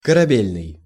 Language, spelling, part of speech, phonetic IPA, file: Russian, корабельный, adjective, [kərɐˈbʲelʲnɨj], Ru-корабельный.ogg
- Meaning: ship; naval